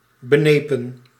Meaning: 1. fearful, timid 2. petty, narrow-minded
- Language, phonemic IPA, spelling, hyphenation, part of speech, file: Dutch, /bəˈneː.pə(n)/, benepen, be‧ne‧pen, adjective, Nl-benepen.ogg